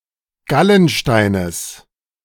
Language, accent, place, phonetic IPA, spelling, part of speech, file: German, Germany, Berlin, [ˈɡalənˌʃtaɪ̯nəs], Gallensteines, noun, De-Gallensteines.ogg
- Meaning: genitive singular of Gallenstein